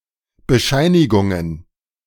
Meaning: plural of Bescheinigung
- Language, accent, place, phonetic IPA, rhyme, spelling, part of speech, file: German, Germany, Berlin, [bəˈʃaɪ̯nɪɡʊŋən], -aɪ̯nɪɡʊŋən, Bescheinigungen, noun, De-Bescheinigungen.ogg